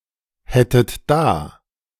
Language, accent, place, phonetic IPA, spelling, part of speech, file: German, Germany, Berlin, [ˌhɛtət ˈdaː], hättet da, verb, De-hättet da.ogg
- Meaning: second-person plural subjunctive I of dahaben